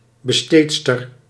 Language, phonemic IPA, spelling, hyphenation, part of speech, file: Dutch, /bəˈsteːt.stər/, besteedster, be‧steed‧ster, noun, Nl-besteedster.ogg
- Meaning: 1. a woman working as an employment agent for maidservants or wetnurses, sometimes also for manservants 2. a family roof, an old-fashioned large model of umbrella made of cotton fabric (against rain)